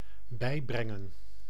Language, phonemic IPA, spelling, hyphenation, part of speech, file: Dutch, /ˈbɛi̯brɛŋə(n)/, bijbrengen, bij‧bren‧gen, verb, Nl-bijbrengen.ogg
- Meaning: 1. to teach, to instill (an ideal) 2. to resuscitate, to bring around